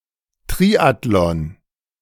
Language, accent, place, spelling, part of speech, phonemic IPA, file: German, Germany, Berlin, Triathlon, noun, /ˈtʁiːatlɔn/, De-Triathlon.ogg
- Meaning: triathlon